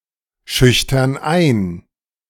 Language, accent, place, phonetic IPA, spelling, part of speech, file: German, Germany, Berlin, [ˌʃʏçtɐn ˈaɪ̯n], schüchtern ein, verb, De-schüchtern ein.ogg
- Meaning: inflection of einschüchtern: 1. first/third-person plural present 2. first/third-person plural subjunctive I